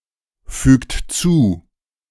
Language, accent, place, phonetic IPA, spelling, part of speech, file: German, Germany, Berlin, [ˌfyːkt ˈt͡suː], fügt zu, verb, De-fügt zu.ogg
- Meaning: inflection of zufügen: 1. second-person plural present 2. third-person singular present 3. plural imperative